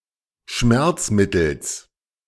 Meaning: genitive singular of Schmerzmittel
- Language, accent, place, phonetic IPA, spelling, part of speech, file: German, Germany, Berlin, [ˈʃmɛʁt͡sˌmɪtl̩s], Schmerzmittels, noun, De-Schmerzmittels.ogg